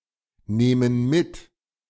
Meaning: inflection of mitnehmen: 1. first/third-person plural present 2. first/third-person plural subjunctive I
- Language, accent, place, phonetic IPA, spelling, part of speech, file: German, Germany, Berlin, [ˌneːmən ˈmɪt], nehmen mit, verb, De-nehmen mit.ogg